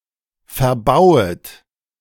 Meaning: second-person plural subjunctive I of verbauen
- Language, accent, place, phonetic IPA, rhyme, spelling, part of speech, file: German, Germany, Berlin, [fɛɐ̯ˈbaʊ̯ət], -aʊ̯ət, verbauet, verb, De-verbauet.ogg